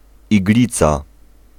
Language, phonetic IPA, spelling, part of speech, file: Polish, [iɡˈlʲit͡sa], iglica, noun, Pl-iglica.ogg